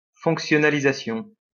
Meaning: functionalization
- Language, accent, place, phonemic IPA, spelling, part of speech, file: French, France, Lyon, /fɔ̃k.sjɔ.na.li.za.sjɔ̃/, fonctionnalisation, noun, LL-Q150 (fra)-fonctionnalisation.wav